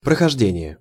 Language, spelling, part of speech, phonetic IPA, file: Russian, прохождение, noun, [prəxɐʐˈdʲenʲɪje], Ru-прохождение.ogg
- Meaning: 1. passing, passage 2. walkthrough